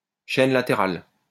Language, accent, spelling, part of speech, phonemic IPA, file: French, France, chaîne latérale, noun, /ʃɛn la.te.ʁal/, LL-Q150 (fra)-chaîne latérale.wav
- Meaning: sidechain